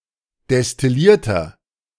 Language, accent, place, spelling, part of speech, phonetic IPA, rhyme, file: German, Germany, Berlin, destillierter, adjective, [dɛstɪˈliːɐ̯tɐ], -iːɐ̯tɐ, De-destillierter.ogg
- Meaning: inflection of destilliert: 1. strong/mixed nominative masculine singular 2. strong genitive/dative feminine singular 3. strong genitive plural